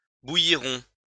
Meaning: third-person plural future of bouillir
- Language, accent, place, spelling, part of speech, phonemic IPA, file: French, France, Lyon, bouilliront, verb, /bu.ji.ʁɔ̃/, LL-Q150 (fra)-bouilliront.wav